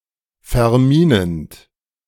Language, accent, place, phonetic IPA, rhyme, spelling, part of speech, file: German, Germany, Berlin, [fɛɐ̯ˈmiːnənt], -iːnənt, verminend, verb, De-verminend.ogg
- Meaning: present participle of verminen